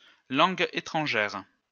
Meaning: foreign language
- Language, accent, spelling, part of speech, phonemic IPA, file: French, France, langue étrangère, noun, /lɑ̃.ɡ‿e.tʁɑ̃.ʒɛʁ/, LL-Q150 (fra)-langue étrangère.wav